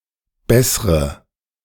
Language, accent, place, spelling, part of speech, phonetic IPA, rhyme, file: German, Germany, Berlin, bessre, verb, [ˈbɛsʁə], -ɛsʁə, De-bessre.ogg
- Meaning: inflection of bessern: 1. first-person singular present 2. first/third-person singular subjunctive I 3. singular imperative